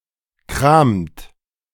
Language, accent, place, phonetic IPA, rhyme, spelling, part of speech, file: German, Germany, Berlin, [kʁaːmt], -aːmt, kramt, verb, De-kramt.ogg
- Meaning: inflection of kramen: 1. second-person plural present 2. third-person singular present 3. plural imperative